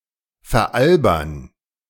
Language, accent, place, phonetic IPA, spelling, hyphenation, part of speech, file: German, Germany, Berlin, [fɛɐ̯ˈʔalbɐn], veralbern, ver‧al‧bern, verb, De-veralbern.ogg
- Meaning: to make fun of